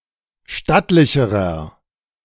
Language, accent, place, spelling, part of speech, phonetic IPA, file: German, Germany, Berlin, stattlicherer, adjective, [ˈʃtatlɪçəʁɐ], De-stattlicherer.ogg
- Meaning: inflection of stattlich: 1. strong/mixed nominative masculine singular comparative degree 2. strong genitive/dative feminine singular comparative degree 3. strong genitive plural comparative degree